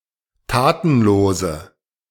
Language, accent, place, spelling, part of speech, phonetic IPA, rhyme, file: German, Germany, Berlin, tatenlose, adjective, [ˈtaːtn̩ˌloːzə], -aːtn̩loːzə, De-tatenlose.ogg
- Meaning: inflection of tatenlos: 1. strong/mixed nominative/accusative feminine singular 2. strong nominative/accusative plural 3. weak nominative all-gender singular